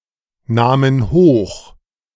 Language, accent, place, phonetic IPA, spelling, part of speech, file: German, Germany, Berlin, [ˌnaːmən ˈhoːx], nahmen hoch, verb, De-nahmen hoch.ogg
- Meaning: first/third-person plural preterite of hochnehmen